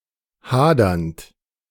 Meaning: present participle of hadern
- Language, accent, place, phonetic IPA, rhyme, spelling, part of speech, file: German, Germany, Berlin, [ˈhaːdɐnt], -aːdɐnt, hadernd, verb, De-hadernd.ogg